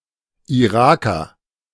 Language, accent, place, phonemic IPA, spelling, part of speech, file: German, Germany, Berlin, /iˈʁaːkɐ/, Iraker, noun, De-Iraker.ogg
- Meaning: Iraqi (male or of unspecified gender)